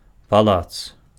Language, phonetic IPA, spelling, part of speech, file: Belarusian, [paˈɫat͡s], палац, noun, Be-палац.ogg
- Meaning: palace